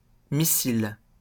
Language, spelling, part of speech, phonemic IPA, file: French, missile, noun, /mi.sil/, LL-Q150 (fra)-missile.wav
- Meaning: 1. missile 2. bombshell, hottie